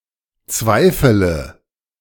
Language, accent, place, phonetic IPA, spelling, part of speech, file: German, Germany, Berlin, [ˈt͡svaɪ̯fələ], zweifele, verb, De-zweifele.ogg
- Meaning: inflection of zweifeln: 1. first-person singular present 2. singular imperative 3. first/third-person singular subjunctive I